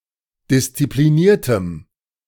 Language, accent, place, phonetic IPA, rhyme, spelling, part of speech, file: German, Germany, Berlin, [dɪst͡sipliˈniːɐ̯təm], -iːɐ̯təm, diszipliniertem, adjective, De-diszipliniertem.ogg
- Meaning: strong dative masculine/neuter singular of diszipliniert